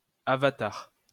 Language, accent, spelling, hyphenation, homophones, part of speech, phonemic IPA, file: French, France, avatar, ava‧tar, avatars, noun, /a.va.taʁ/, LL-Q150 (fra)-avatar.wav
- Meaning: 1. avatar 2. misadventures, incidents